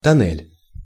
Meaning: 1. tunnel 2. stretched ear piercing, flesh tunnel, gauge
- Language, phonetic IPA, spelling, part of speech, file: Russian, [tɐˈn(ː)ɛlʲ], тоннель, noun, Ru-тоннель.ogg